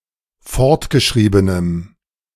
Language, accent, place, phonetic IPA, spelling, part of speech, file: German, Germany, Berlin, [ˈfɔʁtɡəˌʃʁiːbənəm], fortgeschriebenem, adjective, De-fortgeschriebenem.ogg
- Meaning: strong dative masculine/neuter singular of fortgeschrieben